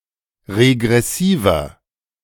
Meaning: inflection of regressiv: 1. strong/mixed nominative masculine singular 2. strong genitive/dative feminine singular 3. strong genitive plural
- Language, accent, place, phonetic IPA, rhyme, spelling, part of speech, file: German, Germany, Berlin, [ʁeɡʁɛˈsiːvɐ], -iːvɐ, regressiver, adjective, De-regressiver.ogg